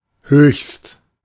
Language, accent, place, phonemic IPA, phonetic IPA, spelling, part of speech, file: German, Germany, Berlin, /høːçst/, [høːkst], höchst, adjective / adverb, De-höchst.ogg
- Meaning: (adjective) superlative degree of hoch: highest; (adverb) highly, extremely